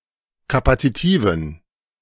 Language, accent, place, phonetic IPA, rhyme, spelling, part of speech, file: German, Germany, Berlin, [ˌkapat͡siˈtiːvn̩], -iːvn̩, kapazitiven, adjective, De-kapazitiven.ogg
- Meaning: inflection of kapazitiv: 1. strong genitive masculine/neuter singular 2. weak/mixed genitive/dative all-gender singular 3. strong/weak/mixed accusative masculine singular 4. strong dative plural